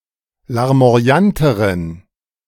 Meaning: inflection of larmoyant: 1. strong genitive masculine/neuter singular comparative degree 2. weak/mixed genitive/dative all-gender singular comparative degree
- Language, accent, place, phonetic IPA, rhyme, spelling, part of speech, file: German, Germany, Berlin, [laʁmo̯aˈjantəʁən], -antəʁən, larmoyanteren, adjective, De-larmoyanteren.ogg